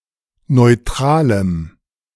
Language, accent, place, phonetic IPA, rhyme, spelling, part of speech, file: German, Germany, Berlin, [nɔɪ̯ˈtʁaːləm], -aːləm, neutralem, adjective, De-neutralem.ogg
- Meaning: strong dative masculine/neuter singular of neutral